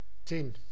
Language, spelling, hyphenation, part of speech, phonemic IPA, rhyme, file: Dutch, tin, tin, noun, /tɪn/, -ɪn, Nl-tin.ogg
- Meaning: tin (metal, metallic element)